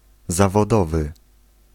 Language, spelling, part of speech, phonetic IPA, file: Polish, zawodowy, adjective, [ˌzavɔˈdɔvɨ], Pl-zawodowy.ogg